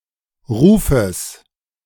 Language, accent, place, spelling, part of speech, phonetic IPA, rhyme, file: German, Germany, Berlin, Rufes, noun, [ˈʁuːfəs], -uːfəs, De-Rufes.ogg
- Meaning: genitive singular of Ruf